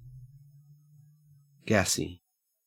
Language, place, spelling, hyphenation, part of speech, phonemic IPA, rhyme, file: English, Queensland, gassy, gas‧sy, adjective, /ˈɡæsi/, -æsi, En-au-gassy.ogg
- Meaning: 1. Having the nature of, or containing, gas 2. Having the nature of, or containing, gas.: Containing dissolved gas (usually carbon dioxide); fizzy